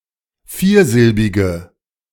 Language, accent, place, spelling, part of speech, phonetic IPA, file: German, Germany, Berlin, viersilbige, adjective, [ˈfiːɐ̯ˌzɪlbɪɡə], De-viersilbige.ogg
- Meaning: inflection of viersilbig: 1. strong/mixed nominative/accusative feminine singular 2. strong nominative/accusative plural 3. weak nominative all-gender singular